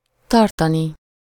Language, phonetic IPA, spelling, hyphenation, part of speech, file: Hungarian, [ˈtɒrtɒni], tartani, tar‧ta‧ni, verb, Hu-tartani.ogg
- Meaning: infinitive of tart